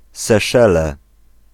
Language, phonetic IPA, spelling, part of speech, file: Polish, [sɛˈʃɛlɛ], Seszele, proper noun, Pl-Seszele.ogg